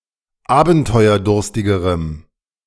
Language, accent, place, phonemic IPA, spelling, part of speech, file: German, Germany, Berlin, /ˈaːbn̩tɔɪ̯ɐˌdʊʁstɪɡəʁəm/, abenteuerdurstigerem, adjective, De-abenteuerdurstigerem.ogg
- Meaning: strong dative masculine/neuter singular comparative degree of abenteuerdurstig